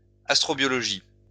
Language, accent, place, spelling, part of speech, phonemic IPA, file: French, France, Lyon, astrobiologie, noun, /as.tʁɔ.bjɔ.lɔ.ʒi/, LL-Q150 (fra)-astrobiologie.wav
- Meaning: astrobiology